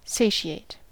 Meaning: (verb) 1. To fill to satisfaction; to satisfy 2. To satisfy to excess. To fill to satiety; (adjective) Filled to satisfaction or to excess; satiated, satisfied
- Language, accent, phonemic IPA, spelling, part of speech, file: English, US, /ˈseɪʃɪeɪt/, satiate, verb / adjective, En-us-satiate.ogg